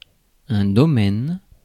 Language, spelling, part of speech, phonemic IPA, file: French, domaine, noun, /dɔ.mɛn/, Fr-domaine.ogg
- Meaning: 1. domain 2. zone 3. field (of study etc.)